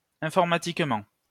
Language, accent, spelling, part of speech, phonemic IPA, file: French, France, informatiquement, adverb, /ɛ̃.fɔʁ.ma.tik.mɑ̃/, LL-Q150 (fra)-informatiquement.wav
- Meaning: by means of computer science